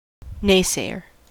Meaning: One who consistently denies, criticizes, or doubts; a detractor
- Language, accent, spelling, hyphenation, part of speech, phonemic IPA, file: English, US, naysayer, nay‧say‧er, noun, /ˈneɪˌseɪ.ɚ/, En-us-naysayer.ogg